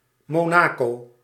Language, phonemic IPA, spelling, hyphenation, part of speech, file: Dutch, /moːˈnaː.koː/, Monaco, Mo‧na‧co, proper noun, Nl-Monaco.ogg
- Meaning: Monaco (a city-state in Western Europe)